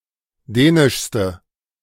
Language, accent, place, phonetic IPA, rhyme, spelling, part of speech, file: German, Germany, Berlin, [ˈdɛːnɪʃstə], -ɛːnɪʃstə, dänischste, adjective, De-dänischste.ogg
- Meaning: inflection of dänisch: 1. strong/mixed nominative/accusative feminine singular superlative degree 2. strong nominative/accusative plural superlative degree